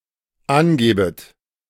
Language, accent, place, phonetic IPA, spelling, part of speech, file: German, Germany, Berlin, [ˈanˌɡɛːbət], angäbet, verb, De-angäbet.ogg
- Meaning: second-person plural dependent subjunctive II of angeben